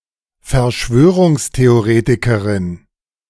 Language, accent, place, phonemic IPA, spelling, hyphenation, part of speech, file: German, Germany, Berlin, /fɛɐ̯ˈʃvøː.ʁʊŋs.te.oˌʁeː.ti.kə.ʁɪn/, Verschwörungstheoretikerin, Ver‧schwö‧rungs‧the‧o‧re‧ti‧ke‧rin, noun, De-Verschwörungstheoretikerin.ogg
- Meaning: female equivalent of Verschwörungstheoretiker